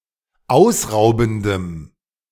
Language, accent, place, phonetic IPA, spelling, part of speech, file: German, Germany, Berlin, [ˈaʊ̯sˌʁaʊ̯bn̩dəm], ausraubendem, adjective, De-ausraubendem.ogg
- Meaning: strong dative masculine/neuter singular of ausraubend